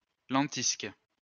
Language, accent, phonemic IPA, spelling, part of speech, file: French, France, /lɑ̃.tisk/, lentisque, noun, LL-Q150 (fra)-lentisque.wav
- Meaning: lentisk, mastic-tree (Pistacia lentiscus)